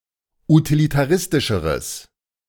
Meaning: strong/mixed nominative/accusative neuter singular comparative degree of utilitaristisch
- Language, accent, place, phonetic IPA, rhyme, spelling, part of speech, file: German, Germany, Berlin, [utilitaˈʁɪstɪʃəʁəs], -ɪstɪʃəʁəs, utilitaristischeres, adjective, De-utilitaristischeres.ogg